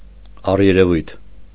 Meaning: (adjective) 1. seeming 2. alleged; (adverb) 1. seemingly, outwardly, in appearance 2. allegedly
- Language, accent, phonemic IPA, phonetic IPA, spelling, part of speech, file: Armenian, Eastern Armenian, /ɑreɾeˈvujtʰ/, [ɑreɾevújtʰ], առերևույթ, adjective / adverb, Hy-առերևույթ.ogg